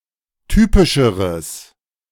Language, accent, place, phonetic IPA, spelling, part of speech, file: German, Germany, Berlin, [ˈtyːpɪʃəʁəs], typischeres, adjective, De-typischeres.ogg
- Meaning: strong/mixed nominative/accusative neuter singular comparative degree of typisch